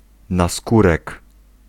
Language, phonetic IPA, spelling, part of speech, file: Polish, [naˈskurɛk], naskórek, noun, Pl-naskórek.ogg